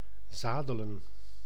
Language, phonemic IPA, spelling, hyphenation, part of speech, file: Dutch, /ˈzaː.də.lə(n)/, zadelen, za‧de‧len, verb, Nl-zadelen.ogg
- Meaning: to saddle, to put a saddle on (a mount)